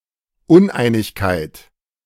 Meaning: discord, disunity
- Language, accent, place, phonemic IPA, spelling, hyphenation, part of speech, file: German, Germany, Berlin, /ˈʊnˌʔaɪ̯nɪçkaɪ̯t/, Uneinigkeit, Un‧ei‧nig‧keit, noun, De-Uneinigkeit.ogg